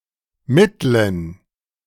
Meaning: inflection of mittel: 1. strong genitive masculine/neuter singular 2. weak/mixed genitive/dative all-gender singular 3. strong/weak/mixed accusative masculine singular 4. strong dative plural
- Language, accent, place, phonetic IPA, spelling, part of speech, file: German, Germany, Berlin, [ˈmɪtln̩], mittlen, adjective, De-mittlen.ogg